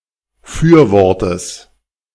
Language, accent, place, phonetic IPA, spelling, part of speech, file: German, Germany, Berlin, [ˈfyːɐ̯ˌvɔʁtəs], Fürwortes, noun, De-Fürwortes.ogg
- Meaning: genitive singular of Fürwort